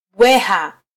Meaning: alternative form of mbweha
- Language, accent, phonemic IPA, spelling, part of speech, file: Swahili, Kenya, /ˈɓʷɛ.hɑ/, bweha, noun, Sw-ke-bweha.flac